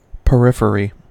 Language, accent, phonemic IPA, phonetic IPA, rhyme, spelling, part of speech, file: English, US, /pəˈɹɪf.ə.ɹi/, [pəˈɹɪf.ɹi], -ɪfəɹi, periphery, noun, En-us-periphery.ogg
- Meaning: 1. The outside boundary, parts or surface of something 2. A first-rank administrative division of Greece, subdivided into provinces